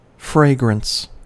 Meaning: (noun) 1. A pleasant smell or odour 2. A perfume; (verb) To apply a fragrance to; to perfume
- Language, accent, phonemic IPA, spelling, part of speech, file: English, US, /ˈfɹeɪɡɹən(t)s/, fragrance, noun / verb, En-us-fragrance.ogg